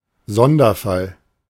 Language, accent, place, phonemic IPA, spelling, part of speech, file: German, Germany, Berlin, /ˈzɔndɐˌfal/, Sonderfall, noun, De-Sonderfall.ogg
- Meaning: special case